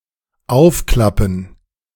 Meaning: 1. to open, open up 2. to open
- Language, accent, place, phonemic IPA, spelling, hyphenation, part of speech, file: German, Germany, Berlin, /ˈaʊ̯fklapm̩/, aufklappen, auf‧klap‧pen, verb, De-aufklappen.ogg